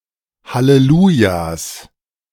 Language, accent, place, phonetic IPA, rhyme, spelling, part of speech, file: German, Germany, Berlin, [haleˈluːjas], -uːjas, Hallelujas, noun, De-Hallelujas.ogg
- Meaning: 1. plural of Halleluja 2. genitive singular of Halleluja